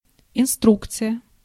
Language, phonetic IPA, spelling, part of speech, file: Russian, [ɪnˈstrukt͡sɨjə], инструкция, noun, Ru-инструкция.ogg
- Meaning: instruction (act of instructing or that which instructs, or with which one is instructed)